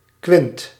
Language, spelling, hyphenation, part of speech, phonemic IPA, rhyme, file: Dutch, kwint, kwint, noun, /kʋɪnt/, -ɪnt, Nl-kwint.ogg
- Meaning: quint, fifth (musical interval of one fifth)